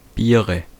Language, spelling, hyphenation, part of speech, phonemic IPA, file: German, Biere, Bie‧re, noun, /ˈbiːʁə/, De-Biere.ogg
- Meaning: 1. dative singular of Bier 2. nominative/accusative/genitive plural of Bier different types of beer